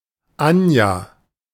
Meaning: a female given name from Russian, popular in the late 20th century
- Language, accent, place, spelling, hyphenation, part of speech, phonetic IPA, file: German, Germany, Berlin, Anja, An‧ja, proper noun, [ˈanja], De-Anja.ogg